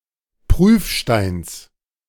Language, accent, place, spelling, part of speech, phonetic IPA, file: German, Germany, Berlin, Prüfsteins, noun, [ˈpʁyːfˌʃtaɪ̯ns], De-Prüfsteins.ogg
- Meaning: genitive singular of Prüfstein